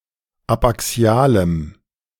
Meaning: strong dative masculine/neuter singular of abaxial
- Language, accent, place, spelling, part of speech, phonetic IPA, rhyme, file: German, Germany, Berlin, abaxialem, adjective, [apʔaˈksi̯aːləm], -aːləm, De-abaxialem.ogg